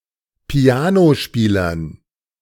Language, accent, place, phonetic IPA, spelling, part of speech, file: German, Germany, Berlin, [ˈpi̯aːnoˌʃpiːlɐn], Pianospielern, noun, De-Pianospielern.ogg
- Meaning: dative plural of Pianospieler